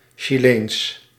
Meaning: Chilean
- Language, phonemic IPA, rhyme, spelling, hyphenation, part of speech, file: Dutch, /ʃiˈleːns/, -eːns, Chileens, Chi‧leens, adjective, Nl-Chileens.ogg